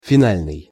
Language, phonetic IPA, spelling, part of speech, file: Russian, [fʲɪˈnalʲnɨj], финальный, adjective, Ru-финальный.ogg
- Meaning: final